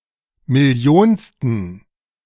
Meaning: inflection of millionste: 1. strong genitive masculine/neuter singular 2. weak/mixed genitive/dative all-gender singular 3. strong/weak/mixed accusative masculine singular 4. strong dative plural
- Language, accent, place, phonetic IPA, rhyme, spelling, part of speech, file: German, Germany, Berlin, [mɪˈli̯oːnstn̩], -oːnstn̩, millionsten, adjective, De-millionsten.ogg